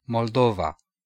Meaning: 1. Moldova (a country in Eastern Europe; official name: Republica Moldova) 2. Moldova (a river in Romania)
- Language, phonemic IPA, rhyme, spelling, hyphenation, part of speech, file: Romanian, /mol.ˈdo.va/, -ova, Moldova, Mol‧do‧va, proper noun, Ro-Moldova.ogg